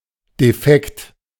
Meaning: defect
- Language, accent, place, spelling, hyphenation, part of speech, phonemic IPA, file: German, Germany, Berlin, Defekt, De‧fekt, noun, /deˈfɛkt/, De-Defekt.ogg